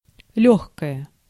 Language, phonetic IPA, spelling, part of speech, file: Russian, [ˈlʲɵxkəjə], лёгкое, adjective / noun, Ru-лёгкое.ogg
- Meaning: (adjective) nominative/accusative neuter singular of лёгкий (ljóxkij); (noun) lung